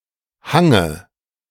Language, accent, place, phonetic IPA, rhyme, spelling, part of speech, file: German, Germany, Berlin, [ˈhaŋə], -aŋə, Hange, noun, De-Hange.ogg
- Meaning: dative singular of Hang